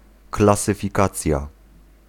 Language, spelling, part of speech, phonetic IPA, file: Polish, klasyfikacja, noun, [ˌklasɨfʲiˈkat͡sʲja], Pl-klasyfikacja.ogg